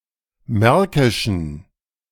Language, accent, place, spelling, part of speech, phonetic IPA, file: German, Germany, Berlin, märkischen, adjective, [ˈmɛʁkɪʃn̩], De-märkischen.ogg
- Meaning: inflection of märkisch: 1. strong genitive masculine/neuter singular 2. weak/mixed genitive/dative all-gender singular 3. strong/weak/mixed accusative masculine singular 4. strong dative plural